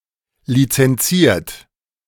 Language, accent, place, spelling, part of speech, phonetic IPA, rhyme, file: German, Germany, Berlin, lizenziert, adjective / verb, [lit͡sɛnˈt͡siːɐ̯t], -iːɐ̯t, De-lizenziert.ogg
- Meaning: 1. past participle of lizenzieren 2. inflection of lizenzieren: third-person singular present 3. inflection of lizenzieren: second-person plural present 4. inflection of lizenzieren: plural imperative